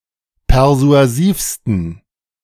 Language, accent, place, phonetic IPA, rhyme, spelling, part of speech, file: German, Germany, Berlin, [pɛʁzu̯aˈziːfstn̩], -iːfstn̩, persuasivsten, adjective, De-persuasivsten.ogg
- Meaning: 1. superlative degree of persuasiv 2. inflection of persuasiv: strong genitive masculine/neuter singular superlative degree